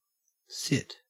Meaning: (verb) 1. To be in a position in which the upper body is upright and supported by the buttocks 2. To move oneself into such a position 3. To occupy a given position
- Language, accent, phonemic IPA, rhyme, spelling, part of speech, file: English, Australia, /sɪt/, -ɪt, sit, verb / noun, En-au-sit.ogg